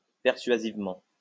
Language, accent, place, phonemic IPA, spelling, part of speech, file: French, France, Lyon, /pɛʁ.sɥa.ziv.mɑ̃/, persuasivement, adverb, LL-Q150 (fra)-persuasivement.wav
- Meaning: persuasively